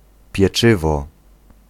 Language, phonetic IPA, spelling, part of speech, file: Polish, [pʲjɛˈt͡ʃɨvɔ], pieczywo, noun, Pl-pieczywo.ogg